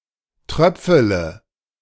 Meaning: inflection of tröpfeln: 1. first-person singular present 2. first-person plural subjunctive I 3. third-person singular subjunctive I 4. singular imperative
- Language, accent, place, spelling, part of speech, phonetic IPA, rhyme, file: German, Germany, Berlin, tröpfele, verb, [ˈtʁœp͡fələ], -œp͡fələ, De-tröpfele.ogg